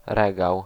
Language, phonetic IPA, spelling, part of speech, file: Polish, [ˈrɛɡaw], regał, noun, Pl-regał.ogg